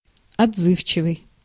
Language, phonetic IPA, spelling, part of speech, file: Russian, [ɐd͡zˈzɨft͡ɕɪvɨj], отзывчивый, adjective, Ru-отзывчивый.ogg
- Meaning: forthcoming, responsive, sympathetic